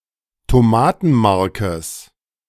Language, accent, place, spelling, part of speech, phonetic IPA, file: German, Germany, Berlin, Tomatenmarkes, noun, [toˈmaːtn̩ˌmaʁkəs], De-Tomatenmarkes.ogg
- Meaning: genitive singular of Tomatenmark